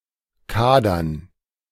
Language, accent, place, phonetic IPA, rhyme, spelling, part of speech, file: German, Germany, Berlin, [ˈkaːdɐn], -aːdɐn, Kadern, noun, De-Kadern.ogg
- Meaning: dative plural of Kader